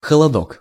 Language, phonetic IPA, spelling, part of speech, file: Russian, [xəɫɐˈdok], холодок, noun, Ru-холодок.ogg
- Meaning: 1. diminutive of хо́лод (xólod) 2. chill 3. coolness, chill